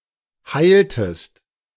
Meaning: inflection of heilen: 1. second-person singular preterite 2. second-person singular subjunctive II
- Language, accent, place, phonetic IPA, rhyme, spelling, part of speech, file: German, Germany, Berlin, [ˈhaɪ̯ltəst], -aɪ̯ltəst, heiltest, verb, De-heiltest.ogg